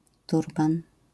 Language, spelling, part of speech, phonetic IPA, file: Polish, turban, noun, [ˈturbãn], LL-Q809 (pol)-turban.wav